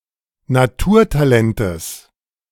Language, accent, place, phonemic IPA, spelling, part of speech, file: German, Germany, Berlin, /naˈtuːɐ̯taˌlɛntəs/, Naturtalentes, noun, De-Naturtalentes.ogg
- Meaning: genitive singular of Naturtalent